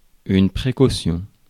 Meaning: 1. precaution 2. prudence, wariness
- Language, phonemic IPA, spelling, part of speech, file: French, /pʁe.ko.sjɔ̃/, précaution, noun, Fr-précaution.ogg